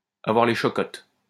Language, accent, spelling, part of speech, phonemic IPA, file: French, France, avoir les chocottes, verb, /a.vwaʁ le ʃɔ.kɔt/, LL-Q150 (fra)-avoir les chocottes.wav
- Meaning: to have the jitters, to have the willies, to have the heebie-jeebies (to be scared)